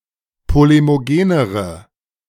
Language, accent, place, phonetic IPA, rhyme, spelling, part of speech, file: German, Germany, Berlin, [ˌpolemoˈɡeːnəʁə], -eːnəʁə, polemogenere, adjective, De-polemogenere.ogg
- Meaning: inflection of polemogen: 1. strong/mixed nominative/accusative feminine singular comparative degree 2. strong nominative/accusative plural comparative degree